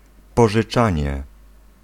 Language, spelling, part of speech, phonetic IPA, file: Polish, pożyczanie, noun, [ˌpɔʒɨˈt͡ʃãɲɛ], Pl-pożyczanie.ogg